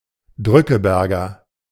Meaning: shirk, quitter
- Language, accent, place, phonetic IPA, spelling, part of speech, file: German, Germany, Berlin, [ˈdʁʏkəˌbɛʁɡɐ], Drückeberger, noun, De-Drückeberger.ogg